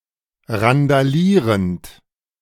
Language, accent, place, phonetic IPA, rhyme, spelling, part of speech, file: German, Germany, Berlin, [ʁandaˈliːʁənt], -iːʁənt, randalierend, verb, De-randalierend.ogg
- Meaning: present participle of randalieren